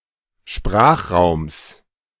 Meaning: genitive singular of Sprachraum
- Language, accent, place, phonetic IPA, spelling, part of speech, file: German, Germany, Berlin, [ˈʃpʁaːxˌʁaʊ̯ms], Sprachraums, noun, De-Sprachraums.ogg